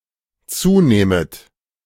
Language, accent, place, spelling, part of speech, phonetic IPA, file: German, Germany, Berlin, zunähmet, verb, [ˈt͡suːˌnɛːmət], De-zunähmet.ogg
- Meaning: second-person plural dependent subjunctive II of zunehmen